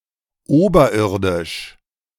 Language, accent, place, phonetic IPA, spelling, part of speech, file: German, Germany, Berlin, [ˈoːbɐˌʔɪʁdɪʃ], oberirdisch, adjective, De-oberirdisch.ogg
- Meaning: 1. aboveground 2. aerial